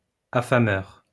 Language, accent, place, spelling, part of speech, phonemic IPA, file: French, France, Lyon, affameur, noun, /a.fa.mœʁ/, LL-Q150 (fra)-affameur.wav
- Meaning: 1. starver 2. exploiter